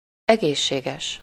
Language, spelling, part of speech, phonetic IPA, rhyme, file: Hungarian, egészséges, adjective, [ˈɛɡeːʃːeːɡɛʃ], -ɛʃ, Hu-egészséges.ogg
- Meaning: healthy